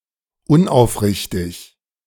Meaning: insincere, disingenuous
- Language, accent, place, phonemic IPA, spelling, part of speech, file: German, Germany, Berlin, /ˈʊnʔaʊ̯fˌʁɪçtɪç/, unaufrichtig, adjective, De-unaufrichtig.ogg